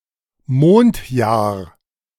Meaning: lunar year
- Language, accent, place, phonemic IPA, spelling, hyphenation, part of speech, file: German, Germany, Berlin, /ˈmoːntˌjaːɐ̯/, Mondjahr, Mond‧jahr, noun, De-Mondjahr.ogg